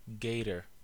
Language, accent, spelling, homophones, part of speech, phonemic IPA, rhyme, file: English, US, gator, gaiter / gater, noun, /ˈɡeɪ.tə(ɹ)/, -eɪtə(ɹ), En-us-gator.ogg
- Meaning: 1. Alligator 2. A portion of a tire, such as one seen on the side of a highway 3. A large bluefish (Pomatomus saltatrix)